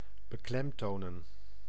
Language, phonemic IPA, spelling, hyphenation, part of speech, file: Dutch, /bəˈklɛm.toː.nə(n)/, beklemtonen, be‧klem‧to‧nen, verb, Nl-beklemtonen.ogg
- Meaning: 1. to stress (a syllable) 2. to emphasize, to stress